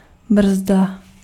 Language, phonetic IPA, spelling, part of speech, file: Czech, [ˈbr̩zda], brzda, noun, Cs-brzda.ogg
- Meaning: brake (device in a vehicle)